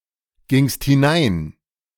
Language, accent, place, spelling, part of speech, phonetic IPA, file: German, Germany, Berlin, gingst hinein, verb, [ˌɡɪŋst hɪˈnaɪ̯n], De-gingst hinein.ogg
- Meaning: second-person singular preterite of hineingehen